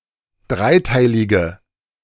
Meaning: inflection of dreiteilig: 1. strong/mixed nominative/accusative feminine singular 2. strong nominative/accusative plural 3. weak nominative all-gender singular
- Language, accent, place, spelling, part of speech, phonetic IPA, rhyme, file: German, Germany, Berlin, dreiteilige, adjective, [ˈdʁaɪ̯ˌtaɪ̯lɪɡə], -aɪ̯taɪ̯lɪɡə, De-dreiteilige.ogg